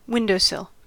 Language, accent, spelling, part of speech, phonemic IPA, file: English, US, windowsill, noun, /ˈwɪndoʊˌsɪl/, En-us-windowsill.ogg
- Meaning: The horizontal member protruding from the base of a window frame